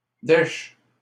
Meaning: 1. the state of being broke 2. sperm, semen
- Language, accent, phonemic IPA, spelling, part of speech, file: French, Canada, /dɛʃ/, dèche, noun, LL-Q150 (fra)-dèche.wav